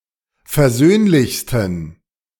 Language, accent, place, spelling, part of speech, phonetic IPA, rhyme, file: German, Germany, Berlin, versöhnlichsten, adjective, [fɛɐ̯ˈzøːnlɪçstn̩], -øːnlɪçstn̩, De-versöhnlichsten.ogg
- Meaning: 1. superlative degree of versöhnlich 2. inflection of versöhnlich: strong genitive masculine/neuter singular superlative degree